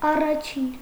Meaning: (numeral) first; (adjective) first, earliest
- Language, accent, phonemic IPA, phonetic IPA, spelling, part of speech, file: Armenian, Eastern Armenian, /ɑrɑˈt͡ʃʰin/, [ɑrɑt͡ʃʰín], առաջին, numeral / adjective, Hy-առաջին.ogg